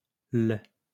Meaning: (article) 1. apocopic form of le, la: the 2. apocopic form of le: the; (pronoun) 1. apocopic form of le, la: him, her, it 2. apocopic form of le: him, it
- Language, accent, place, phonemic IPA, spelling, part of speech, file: French, France, Lyon, /l‿/, l', article / pronoun, LL-Q150 (fra)-l'.wav